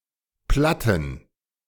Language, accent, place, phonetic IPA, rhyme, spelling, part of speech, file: German, Germany, Berlin, [ˈplatn̩], -atn̩, platten, adjective, De-platten.ogg
- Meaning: inflection of platt: 1. strong genitive masculine/neuter singular 2. weak/mixed genitive/dative all-gender singular 3. strong/weak/mixed accusative masculine singular 4. strong dative plural